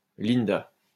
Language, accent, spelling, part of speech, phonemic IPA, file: French, France, Linda, proper noun, /lin.da/, LL-Q150 (fra)-Linda.wav
- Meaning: a female given name of Germanic origin